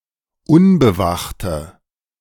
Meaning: inflection of unbewacht: 1. strong/mixed nominative/accusative feminine singular 2. strong nominative/accusative plural 3. weak nominative all-gender singular
- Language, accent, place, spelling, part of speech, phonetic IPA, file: German, Germany, Berlin, unbewachte, adjective, [ˈʊnbəˌvaxtə], De-unbewachte.ogg